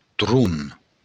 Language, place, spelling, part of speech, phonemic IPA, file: Occitan, Béarn, tron, noun, /tru/, LL-Q14185 (oci)-tron.wav
- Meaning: thunder